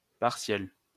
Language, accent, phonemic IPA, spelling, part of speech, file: French, France, /paʁ.sjɛl/, partiel, adjective / noun, LL-Q150 (fra)-partiel.wav
- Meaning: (adjective) partial (part, no full); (noun) 1. overtone (harmonic) 2. midterm exam